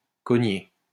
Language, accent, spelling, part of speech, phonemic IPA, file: French, France, cogner, verb, /kɔ.ɲe/, LL-Q150 (fra)-cogner.wav
- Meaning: 1. to whack, to bash, to thump (hit hard) 2. to pound (of the heart) 3. to bump oneself